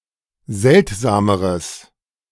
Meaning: strong/mixed nominative/accusative neuter singular comparative degree of seltsam
- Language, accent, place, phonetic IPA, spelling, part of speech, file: German, Germany, Berlin, [ˈzɛltzaːməʁəs], seltsameres, adjective, De-seltsameres.ogg